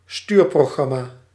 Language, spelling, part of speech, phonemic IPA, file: Dutch, stuurprogramma, noun, /ˈstyːr.proː.ɣrɑ.maː/, Nl-stuurprogramma.ogg
- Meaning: 1. a program to steer or otherwise control some thing or process 2. a driver, program acting as interface between an application and hardware it needs to communicate with